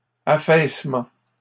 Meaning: 1. collapse, cave-in 2. subsidence
- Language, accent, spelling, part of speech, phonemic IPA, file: French, Canada, affaissement, noun, /a.fɛs.mɑ̃/, LL-Q150 (fra)-affaissement.wav